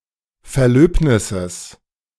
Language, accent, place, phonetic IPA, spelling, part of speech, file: German, Germany, Berlin, [fɛɐ̯ˈløːpnɪsəs], Verlöbnisses, noun, De-Verlöbnisses.ogg
- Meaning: genitive singular of Verlöbnis